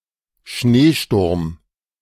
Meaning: snowstorm, blizzard
- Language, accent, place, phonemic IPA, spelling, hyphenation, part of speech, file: German, Germany, Berlin, /ˈʃneːʃtʊʁm/, Schneesturm, Schnee‧sturm, noun, De-Schneesturm.ogg